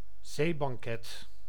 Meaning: seafood
- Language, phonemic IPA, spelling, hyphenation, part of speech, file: Dutch, /ˈzeː.bɑŋˌkɛt/, zeebanket, zee‧ban‧ket, noun, Nl-zeebanket.ogg